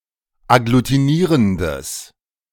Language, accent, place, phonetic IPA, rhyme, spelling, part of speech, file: German, Germany, Berlin, [aɡlutiˈniːʁəndəs], -iːʁəndəs, agglutinierendes, adjective, De-agglutinierendes.ogg
- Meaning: strong/mixed nominative/accusative neuter singular of agglutinierend